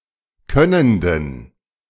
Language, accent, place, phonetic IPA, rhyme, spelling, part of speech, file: German, Germany, Berlin, [ˈkœnəndn̩], -œnəndn̩, könnenden, adjective, De-könnenden.ogg
- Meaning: inflection of könnend: 1. strong genitive masculine/neuter singular 2. weak/mixed genitive/dative all-gender singular 3. strong/weak/mixed accusative masculine singular 4. strong dative plural